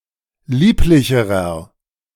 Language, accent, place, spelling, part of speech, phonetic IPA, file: German, Germany, Berlin, lieblicherer, adjective, [ˈliːplɪçəʁɐ], De-lieblicherer.ogg
- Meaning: inflection of lieblich: 1. strong/mixed nominative masculine singular comparative degree 2. strong genitive/dative feminine singular comparative degree 3. strong genitive plural comparative degree